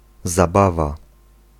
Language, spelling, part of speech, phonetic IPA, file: Polish, zabawa, noun, [zaˈbava], Pl-zabawa.ogg